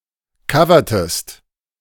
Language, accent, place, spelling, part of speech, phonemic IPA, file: German, Germany, Berlin, covertest, verb, /ˈkavɐtəst/, De-covertest.ogg
- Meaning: inflection of covern: 1. second-person singular preterite 2. second-person singular subjunctive II